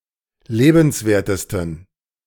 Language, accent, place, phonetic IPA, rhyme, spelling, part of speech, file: German, Germany, Berlin, [ˈleːbn̩sˌveːɐ̯təstn̩], -eːbn̩sveːɐ̯təstn̩, lebenswertesten, adjective, De-lebenswertesten.ogg
- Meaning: 1. superlative degree of lebenswert 2. inflection of lebenswert: strong genitive masculine/neuter singular superlative degree